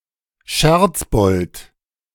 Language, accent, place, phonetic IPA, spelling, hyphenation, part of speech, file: German, Germany, Berlin, [ˈʃɛʁt͡sˌbɔlt], Scherzbold, Scherz‧bold, noun, De-Scherzbold.ogg
- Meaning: tease, prankster